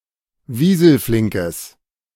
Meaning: strong/mixed nominative/accusative neuter singular of wieselflink
- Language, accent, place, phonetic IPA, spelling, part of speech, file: German, Germany, Berlin, [ˈviːzl̩ˌflɪŋkəs], wieselflinkes, adjective, De-wieselflinkes.ogg